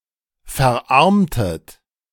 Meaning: inflection of verarmen: 1. second-person plural preterite 2. second-person plural subjunctive II
- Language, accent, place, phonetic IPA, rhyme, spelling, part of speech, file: German, Germany, Berlin, [fɛɐ̯ˈʔaʁmtət], -aʁmtət, verarmtet, verb, De-verarmtet.ogg